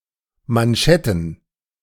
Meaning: plural of Manschette
- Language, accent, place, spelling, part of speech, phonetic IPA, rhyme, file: German, Germany, Berlin, Manschetten, noun, [manˈʃɛtn̩], -ɛtn̩, De-Manschetten.ogg